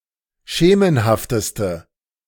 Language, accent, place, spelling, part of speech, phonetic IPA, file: German, Germany, Berlin, schemenhafteste, adjective, [ˈʃeːmənhaftəstə], De-schemenhafteste.ogg
- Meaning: inflection of schemenhaft: 1. strong/mixed nominative/accusative feminine singular superlative degree 2. strong nominative/accusative plural superlative degree